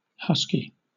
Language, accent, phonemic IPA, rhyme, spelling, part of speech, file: English, Southern England, /ˈhʌs.ki/, -ʌski, husky, adjective / noun, LL-Q1860 (eng)-husky.wav
- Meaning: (adjective) 1. Of a voice, hoarse and rough-sounding; throaty 2. Burly, stout; sometimes as a modifier for boys' clothing sizes that fit a large waist or chest